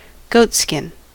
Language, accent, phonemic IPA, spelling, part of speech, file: English, US, /ˈɡoʊtˌskɪn/, goatskin, noun, En-us-goatskin.ogg
- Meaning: 1. The skin of a goat, especially when cured and used as a material for clothing, tents, etc 2. A liquid container (especially for holding wine or water) made from goat leather 3. A bodhran drum